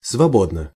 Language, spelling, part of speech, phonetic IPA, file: Russian, свободно, adverb / adjective, [svɐˈbodnə], Ru-свободно.ogg
- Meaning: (adverb) 1. freely (without interference or restriction) 2. freely, easily (without difficulties); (adjective) short neuter singular of свобо́дный (svobódnyj)